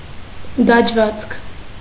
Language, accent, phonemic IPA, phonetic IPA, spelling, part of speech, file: Armenian, Eastern Armenian, /dɑd͡ʒˈvɑt͡skʰ/, [dɑd͡ʒvɑ́t͡skʰ], դաջվածք, noun, Hy-դաջվածք.ogg
- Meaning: tattoo